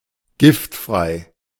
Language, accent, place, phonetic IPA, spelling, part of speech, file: German, Germany, Berlin, [ˈɡɪftˌfʁaɪ̯], giftfrei, adjective, De-giftfrei.ogg
- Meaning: poison-free